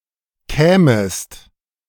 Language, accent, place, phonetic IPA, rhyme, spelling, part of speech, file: German, Germany, Berlin, [ˈkɛːməst], -ɛːməst, kämest, verb, De-kämest.ogg
- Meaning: second-person singular subjunctive II of kommen